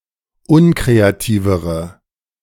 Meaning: inflection of unkreativ: 1. strong/mixed nominative/accusative feminine singular comparative degree 2. strong nominative/accusative plural comparative degree
- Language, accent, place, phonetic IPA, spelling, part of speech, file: German, Germany, Berlin, [ˈʊnkʁeaˌtiːvəʁə], unkreativere, adjective, De-unkreativere.ogg